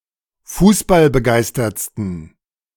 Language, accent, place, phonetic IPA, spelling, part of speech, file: German, Germany, Berlin, [ˈfuːsbalbəˌɡaɪ̯stɐt͡stn̩], fußballbegeistertsten, adjective, De-fußballbegeistertsten.ogg
- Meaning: 1. superlative degree of fußballbegeistert 2. inflection of fußballbegeistert: strong genitive masculine/neuter singular superlative degree